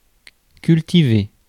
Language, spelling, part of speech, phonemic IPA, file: French, cultivé, verb / adjective, /kyl.ti.ve/, Fr-cultivé.ogg
- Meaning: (verb) past participle of cultiver; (adjective) 1. cultivated, farmed 2. cultivated, grown 3. cultured; cultivated